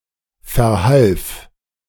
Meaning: first/third-person singular preterite of verhelfen
- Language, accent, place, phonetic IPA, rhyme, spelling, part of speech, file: German, Germany, Berlin, [fɛɐ̯ˈhalf], -alf, verhalf, verb, De-verhalf.ogg